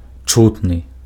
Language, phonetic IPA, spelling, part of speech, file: Belarusian, [ˈt͡ʂutnɨ], чутны, adjective, Be-чутны.ogg
- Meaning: audible, perceptible